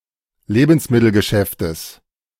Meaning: genitive singular of Lebensmittelgeschäft
- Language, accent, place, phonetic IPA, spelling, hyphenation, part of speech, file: German, Germany, Berlin, [ˈleːbn̩smɪtl̩ɡəˌʃɛftəs], Lebensmittelgeschäftes, Le‧bens‧mit‧tel‧ge‧schäf‧tes, noun, De-Lebensmittelgeschäftes.ogg